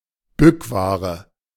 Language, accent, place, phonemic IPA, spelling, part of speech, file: German, Germany, Berlin, /ˈbʏkˌvaːʁə/, Bückware, noun, De-Bückware.ogg
- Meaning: under-the-counter goods